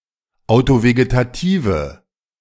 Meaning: inflection of autovegetativ: 1. strong/mixed nominative/accusative feminine singular 2. strong nominative/accusative plural 3. weak nominative all-gender singular
- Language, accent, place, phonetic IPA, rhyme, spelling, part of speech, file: German, Germany, Berlin, [aʊ̯toveɡetaˈtiːvə], -iːvə, autovegetative, adjective, De-autovegetative.ogg